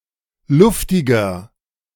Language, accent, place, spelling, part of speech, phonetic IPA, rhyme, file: German, Germany, Berlin, luftiger, adjective, [ˈlʊftɪɡɐ], -ʊftɪɡɐ, De-luftiger.ogg
- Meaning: 1. comparative degree of luftig 2. inflection of luftig: strong/mixed nominative masculine singular 3. inflection of luftig: strong genitive/dative feminine singular